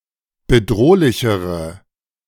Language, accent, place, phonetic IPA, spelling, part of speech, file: German, Germany, Berlin, [bəˈdʁoːlɪçəʁə], bedrohlichere, adjective, De-bedrohlichere.ogg
- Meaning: inflection of bedrohlich: 1. strong/mixed nominative/accusative feminine singular comparative degree 2. strong nominative/accusative plural comparative degree